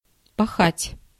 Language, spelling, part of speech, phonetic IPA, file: Russian, пахать, verb, [pɐˈxatʲ], Ru-пахать.ogg
- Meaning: 1. to plow/plough 2. to work hard 3. to sweep, to blow through (of weather), to carry with the wind 4. to flutter, to flap, to fly (in the wind) 5. to blow gently on all sides